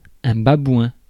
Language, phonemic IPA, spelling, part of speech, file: French, /ba.bwɛ̃/, babouin, noun, Fr-babouin.ogg
- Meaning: baboon